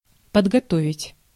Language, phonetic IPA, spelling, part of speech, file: Russian, [pədɡɐˈtovʲɪtʲ], подготовить, verb, Ru-подготовить.ogg
- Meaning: to prepare, to train